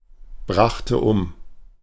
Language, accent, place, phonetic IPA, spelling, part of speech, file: German, Germany, Berlin, [ˌbʁaxtə ˈʊm], brachte um, verb, De-brachte um.ogg
- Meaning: first/third-person singular preterite of umbringen